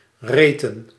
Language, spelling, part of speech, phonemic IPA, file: Dutch, reten, verb / noun, /ˈretə(n)/, Nl-reten.ogg
- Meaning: inflection of rijten: 1. plural past indicative 2. plural past subjunctive